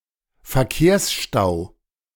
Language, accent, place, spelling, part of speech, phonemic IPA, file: German, Germany, Berlin, Verkehrsstau, noun, /fɛrˈkeːrsˌʃtaʊ̯/, De-Verkehrsstau.ogg
- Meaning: traffic jam (situation in which road traffic is stationary or very slow)